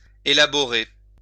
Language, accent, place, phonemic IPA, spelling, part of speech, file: French, France, Lyon, /e.la.bɔ.ʁe/, élaborer, verb, LL-Q150 (fra)-élaborer.wav
- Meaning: 1. to draw up, write up, make up, whip up, put together 2. to process farther, to produce, to develop, to metabolize 3. to elaborate, to work out